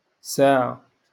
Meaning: 1. hour 2. clock 3. private lessons
- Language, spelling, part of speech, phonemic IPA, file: Moroccan Arabic, ساعة, noun, /saː.ʕa/, LL-Q56426 (ary)-ساعة.wav